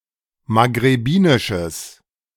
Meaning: strong/mixed nominative/accusative neuter singular of maghrebinisch
- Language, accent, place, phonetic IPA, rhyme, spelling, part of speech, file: German, Germany, Berlin, [maɡʁeˈbiːnɪʃəs], -iːnɪʃəs, maghrebinisches, adjective, De-maghrebinisches.ogg